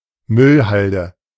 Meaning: garbage dump
- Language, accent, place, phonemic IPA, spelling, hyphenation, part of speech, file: German, Germany, Berlin, /ˈmʏlˌhaldə/, Müllhalde, Müll‧hal‧de, noun, De-Müllhalde.ogg